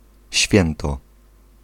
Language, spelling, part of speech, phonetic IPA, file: Polish, święto, noun, [ˈɕfʲjɛ̃ntɔ], Pl-święto.ogg